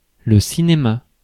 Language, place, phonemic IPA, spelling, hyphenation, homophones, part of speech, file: French, Paris, /si.ne.ma/, cinéma, ci‧né‧ma, cinémas, noun, Fr-cinéma.ogg
- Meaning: 1. cinema, filmmaking (the art of making films and movies) 2. cinema (the film and movie industry) 3. cinema (films or movies as a group) 4. cinema (movie theatre) 5. playacting, drama, fuss